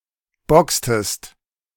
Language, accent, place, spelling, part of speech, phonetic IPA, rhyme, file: German, Germany, Berlin, boxtest, verb, [ˈbɔkstəst], -ɔkstəst, De-boxtest.ogg
- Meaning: inflection of boxen: 1. second-person singular preterite 2. second-person singular subjunctive II